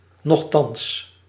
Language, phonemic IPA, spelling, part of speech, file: Dutch, /nɔxˈtɑns/, nochtans, adverb, Nl-nochtans.ogg
- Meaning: nevertheless